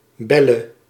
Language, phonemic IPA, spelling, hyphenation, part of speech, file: Dutch, /ˈbɛ.lə/, Belle, Bel‧le, proper noun, Nl-Belle.ogg
- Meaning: a female given name